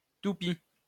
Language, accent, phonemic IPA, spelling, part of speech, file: French, France, /tu.pi/, toupie, noun, LL-Q150 (fra)-toupie.wav
- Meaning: top